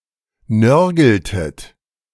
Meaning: inflection of nörgeln: 1. second-person plural preterite 2. second-person plural subjunctive II
- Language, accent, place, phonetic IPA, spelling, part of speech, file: German, Germany, Berlin, [ˈnœʁɡl̩tət], nörgeltet, verb, De-nörgeltet.ogg